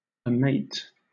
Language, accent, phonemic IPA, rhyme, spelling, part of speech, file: English, Southern England, /əˈmeɪt/, -eɪt, amate, verb, LL-Q1860 (eng)-amate.wav
- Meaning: 1. To dishearten, dismay 2. To be a mate to; to match